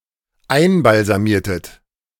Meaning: inflection of einbalsamieren: 1. second-person plural dependent preterite 2. second-person plural dependent subjunctive II
- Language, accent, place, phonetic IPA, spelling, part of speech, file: German, Germany, Berlin, [ˈaɪ̯nbalzaˌmiːɐ̯tət], einbalsamiertet, verb, De-einbalsamiertet.ogg